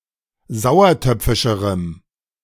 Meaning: strong dative masculine/neuter singular comparative degree of sauertöpfisch
- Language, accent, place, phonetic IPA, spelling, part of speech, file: German, Germany, Berlin, [ˈzaʊ̯ɐˌtœp͡fɪʃəʁəm], sauertöpfischerem, adjective, De-sauertöpfischerem.ogg